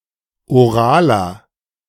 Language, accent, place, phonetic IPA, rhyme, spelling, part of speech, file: German, Germany, Berlin, [oˈʁaːlɐ], -aːlɐ, oraler, adjective, De-oraler.ogg
- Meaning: inflection of oral: 1. strong/mixed nominative masculine singular 2. strong genitive/dative feminine singular 3. strong genitive plural